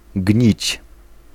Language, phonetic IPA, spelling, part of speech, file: Polish, [ɟɲit͡ɕ], gnić, verb, Pl-gnić.ogg